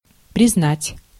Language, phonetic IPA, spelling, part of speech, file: Russian, [prʲɪzˈnatʲ], признать, verb, Ru-признать.ogg
- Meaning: 1. to recognize (to acknowledge the existence or legality of something) 2. to acknowledge, to see, to admit, to own 3. to find, to consider, to declare, to pronounce